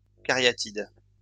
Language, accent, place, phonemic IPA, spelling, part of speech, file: French, France, Lyon, /ka.ʁja.tid/, caryatide, noun, LL-Q150 (fra)-caryatide.wav
- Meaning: alternative spelling of cariatide